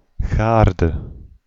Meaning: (noun) garden, yard; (verb) inflection of garen: 1. singular past indicative 2. singular past subjunctive
- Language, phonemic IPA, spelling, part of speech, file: Dutch, /ˈɣardə/, gaarde, noun / verb, Nl-gaarde.ogg